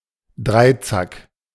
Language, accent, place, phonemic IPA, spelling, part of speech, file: German, Germany, Berlin, /ˈdʁaɪ̯ˌt͡sak/, Dreizack, noun, De-Dreizack.ogg
- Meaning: trident